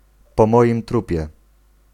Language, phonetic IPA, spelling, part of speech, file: Polish, [pɔ‿ˈmɔʲĩm ˈtrupʲjɛ], po moim trupie, interjection, Pl-po moim trupie.ogg